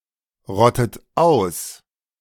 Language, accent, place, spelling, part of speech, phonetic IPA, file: German, Germany, Berlin, rottet aus, verb, [ˌʁɔtət ˈaʊ̯s], De-rottet aus.ogg
- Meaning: inflection of ausrotten: 1. second-person plural present 2. second-person plural subjunctive I 3. third-person singular present 4. plural imperative